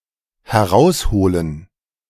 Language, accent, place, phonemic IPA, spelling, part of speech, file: German, Germany, Berlin, /hɛˈʁaʊ̯sˌhoːlən/, herausholen, verb, De-herausholen.ogg
- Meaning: to get out, to fetch out